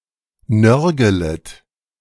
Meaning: second-person plural subjunctive I of nörgeln
- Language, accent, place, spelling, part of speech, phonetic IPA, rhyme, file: German, Germany, Berlin, nörgelet, verb, [ˈnœʁɡələt], -œʁɡələt, De-nörgelet.ogg